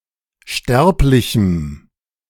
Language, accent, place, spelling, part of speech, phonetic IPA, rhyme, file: German, Germany, Berlin, sterblichem, adjective, [ˈʃtɛʁplɪçm̩], -ɛʁplɪçm̩, De-sterblichem.ogg
- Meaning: strong dative masculine/neuter singular of sterblich